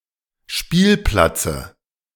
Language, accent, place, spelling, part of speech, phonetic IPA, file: German, Germany, Berlin, Spielplatze, noun, [ˈʃpiːlˌplat͡sə], De-Spielplatze.ogg
- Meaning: dative of Spielplatz